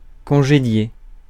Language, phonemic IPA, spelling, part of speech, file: French, /kɔ̃.ʒe.dje/, congédier, verb, Fr-congédier.ogg
- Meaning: to lay off, dismiss